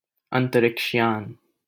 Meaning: spacecraft, space shuttle, spaceship
- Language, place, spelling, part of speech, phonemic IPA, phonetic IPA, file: Hindi, Delhi, अंतरिक्ष यान, noun, /ən.t̪ɾɪkʂ jɑːn/, [ɐ̃n̪.t̪ɾɪkʃ‿jä̃ːn], LL-Q1568 (hin)-अंतरिक्ष यान.wav